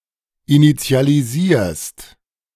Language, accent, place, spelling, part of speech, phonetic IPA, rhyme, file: German, Germany, Berlin, initialisierst, verb, [init͡si̯aliˈziːɐ̯st], -iːɐ̯st, De-initialisierst.ogg
- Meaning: second-person singular present of initialisieren